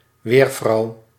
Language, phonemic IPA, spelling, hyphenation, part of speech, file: Dutch, /ˈʋeːr.vrɑu̯/, weervrouw, weer‧vrouw, noun, Nl-weervrouw.ogg
- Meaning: a weatherwoman, a female weather forecaster